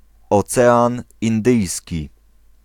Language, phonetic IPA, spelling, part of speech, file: Polish, [ɔˈt͡sɛãn ĩnˈdɨjsʲci], Ocean Indyjski, proper noun, Pl-Ocean Indyjski.ogg